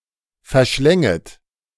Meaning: second-person plural subjunctive I of verschlingen
- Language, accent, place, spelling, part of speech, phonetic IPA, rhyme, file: German, Germany, Berlin, verschlänget, verb, [fɛɐ̯ˈʃlɛŋət], -ɛŋət, De-verschlänget.ogg